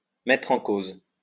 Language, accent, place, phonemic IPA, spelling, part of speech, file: French, France, Lyon, /mɛ.tʁ‿ɑ̃ koz/, mettre en cause, verb, LL-Q150 (fra)-mettre en cause.wav
- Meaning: 1. to suspect; to accuse, blame 2. synonym of remettre en cause